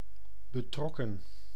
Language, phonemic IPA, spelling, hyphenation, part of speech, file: Dutch, /bəˈtrɔ.kə(n)/, betrokken, be‧trok‧ken, adjective / verb, Nl-betrokken.ogg
- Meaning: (adjective) 1. involved 2. clouded; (verb) 1. past participle of betrekken 2. inflection of betrekken: plural past indicative 3. inflection of betrekken: plural past subjunctive